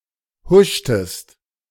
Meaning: inflection of huschen: 1. second-person singular preterite 2. second-person singular subjunctive II
- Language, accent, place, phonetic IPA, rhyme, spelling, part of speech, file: German, Germany, Berlin, [ˈhʊʃtəst], -ʊʃtəst, huschtest, verb, De-huschtest.ogg